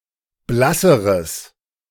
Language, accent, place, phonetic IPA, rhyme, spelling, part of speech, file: German, Germany, Berlin, [ˈblasəʁəs], -asəʁəs, blasseres, adjective, De-blasseres.ogg
- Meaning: strong/mixed nominative/accusative neuter singular comparative degree of blass